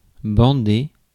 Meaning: 1. to bandage 2. to flex, tighten the muscles, strain, tauten 3. to have a hard-on, to get a hard-on
- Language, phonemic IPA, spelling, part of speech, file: French, /bɑ̃.de/, bander, verb, Fr-bander.ogg